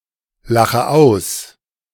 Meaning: inflection of auslachen: 1. first-person singular present 2. first/third-person singular subjunctive I 3. singular imperative
- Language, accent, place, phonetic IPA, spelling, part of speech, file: German, Germany, Berlin, [ˌlaxə ˈaʊ̯s], lache aus, verb, De-lache aus.ogg